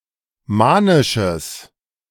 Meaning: strong/mixed nominative/accusative neuter singular of manisch
- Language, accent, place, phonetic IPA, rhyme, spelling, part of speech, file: German, Germany, Berlin, [ˈmaːnɪʃəs], -aːnɪʃəs, manisches, adjective, De-manisches.ogg